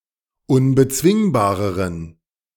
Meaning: inflection of unbezwingbar: 1. strong genitive masculine/neuter singular comparative degree 2. weak/mixed genitive/dative all-gender singular comparative degree
- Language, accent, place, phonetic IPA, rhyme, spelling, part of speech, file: German, Germany, Berlin, [ʊnbəˈt͡svɪŋbaːʁəʁən], -ɪŋbaːʁəʁən, unbezwingbareren, adjective, De-unbezwingbareren.ogg